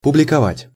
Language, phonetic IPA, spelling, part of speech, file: Russian, [pʊblʲɪkɐˈvatʲ], публиковать, verb, Ru-публиковать.ogg
- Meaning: to publish, to issue